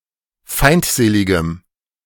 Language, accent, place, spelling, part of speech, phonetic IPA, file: German, Germany, Berlin, feindseligem, adjective, [ˈfaɪ̯ntˌzeːlɪɡəm], De-feindseligem.ogg
- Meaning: strong dative masculine/neuter singular of feindselig